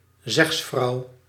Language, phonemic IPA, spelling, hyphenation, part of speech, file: Dutch, /ˈzɛxs.frɑu̯/, zegsvrouw, zegs‧vrouw, noun, Nl-zegsvrouw.ogg
- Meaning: spokeswoman